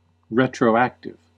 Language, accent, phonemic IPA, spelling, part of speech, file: English, US, /ˌɹɛ.tɹoʊˈæk.tɪv/, retroactive, adjective, En-us-retroactive.ogg
- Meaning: Extending in scope, effect, application or influence to a prior time or to prior conditions